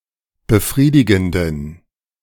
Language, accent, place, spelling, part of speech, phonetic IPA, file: German, Germany, Berlin, befriedigenden, adjective, [bəˈfʁiːdɪɡn̩dən], De-befriedigenden.ogg
- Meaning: inflection of befriedigend: 1. strong genitive masculine/neuter singular 2. weak/mixed genitive/dative all-gender singular 3. strong/weak/mixed accusative masculine singular 4. strong dative plural